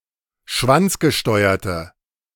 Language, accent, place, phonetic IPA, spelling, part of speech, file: German, Germany, Berlin, [ˈʃvant͡sɡəˌʃtɔɪ̯ɐtə], schwanzgesteuerte, adjective, De-schwanzgesteuerte.ogg
- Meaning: inflection of schwanzgesteuert: 1. strong/mixed nominative/accusative feminine singular 2. strong nominative/accusative plural 3. weak nominative all-gender singular